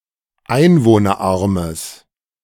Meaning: strong/mixed nominative/accusative neuter singular of einwohnerarm
- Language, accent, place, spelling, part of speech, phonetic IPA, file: German, Germany, Berlin, einwohnerarmes, adjective, [ˈaɪ̯nvoːnɐˌʔaʁməs], De-einwohnerarmes.ogg